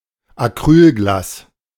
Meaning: synonym of Plexiglas (“plexiglass”) (polymethyl methacrylate)
- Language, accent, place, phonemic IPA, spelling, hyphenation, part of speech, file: German, Germany, Berlin, /aˈkʁyːlˌɡlaːs/, Acrylglas, Ac‧ryl‧glas, noun, De-Acrylglas.ogg